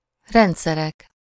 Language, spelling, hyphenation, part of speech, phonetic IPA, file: Hungarian, rendszerek, rend‧sze‧rek, noun, [ˈrɛntsɛrɛk], Hu-rendszerek.ogg
- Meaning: nominative plural of rendszer